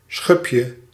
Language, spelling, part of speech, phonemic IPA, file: Dutch, schubje, noun, /ˈsxʏpjə/, Nl-schubje.ogg
- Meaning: diminutive of schub